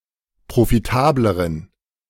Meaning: inflection of profitabel: 1. strong genitive masculine/neuter singular comparative degree 2. weak/mixed genitive/dative all-gender singular comparative degree
- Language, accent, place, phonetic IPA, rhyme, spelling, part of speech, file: German, Germany, Berlin, [pʁofiˈtaːbləʁən], -aːbləʁən, profitableren, adjective, De-profitableren.ogg